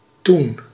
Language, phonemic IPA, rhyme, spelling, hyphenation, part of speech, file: Dutch, /tun/, -un, toen, toen, adverb / conjunction, Nl-toen.ogg
- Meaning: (adverb) 1. then, subsequently (at a time in the past) 2. back then, at the time, in those days; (conjunction) when, at the time that (in the past)